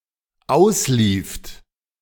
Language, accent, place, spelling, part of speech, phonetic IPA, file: German, Germany, Berlin, auslieft, verb, [ˈaʊ̯sˌliːft], De-auslieft.ogg
- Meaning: second-person plural dependent preterite of auslaufen